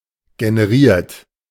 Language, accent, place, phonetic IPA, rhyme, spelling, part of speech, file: German, Germany, Berlin, [ɡenəˈʁiːɐ̯t], -iːɐ̯t, generiert, adjective / verb, De-generiert.ogg
- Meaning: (verb) past participle of generieren; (adjective) generated; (verb) inflection of generieren: 1. third-person singular present 2. second-person plural present 3. plural imperative